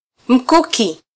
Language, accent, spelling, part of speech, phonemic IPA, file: Swahili, Kenya, mkuki, noun, /m̩ˈku.ki/, Sw-ke-mkuki.flac
- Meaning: spear